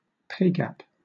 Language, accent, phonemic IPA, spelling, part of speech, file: English, Southern England, /ˈpeɪ ɡæp/, pay gap, noun, LL-Q1860 (eng)-pay gap.wav
- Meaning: The difference in salaries between one group and another